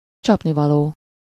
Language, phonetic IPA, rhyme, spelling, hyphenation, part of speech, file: Hungarian, [ˈt͡ʃɒpnivɒloː], -loː, csapnivaló, csap‧ni‧va‧ló, adjective, Hu-csapnivaló.ogg
- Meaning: 1. abject, contemptible 2. atrocious, execrable, awful (of the poorest quality) 3. lousy, bad, unfit, unsuitable (not having the correct qualifications for a role or task)